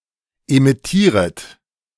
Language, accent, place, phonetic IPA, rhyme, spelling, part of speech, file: German, Germany, Berlin, [emɪˈtiːʁət], -iːʁət, emittieret, verb, De-emittieret.ogg
- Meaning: second-person plural subjunctive I of emittieren